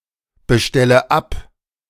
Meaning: inflection of abbestellen: 1. first-person singular present 2. first/third-person singular subjunctive I 3. singular imperative
- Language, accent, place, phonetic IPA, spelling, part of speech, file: German, Germany, Berlin, [bəˌʃtɛlə ˈap], bestelle ab, verb, De-bestelle ab.ogg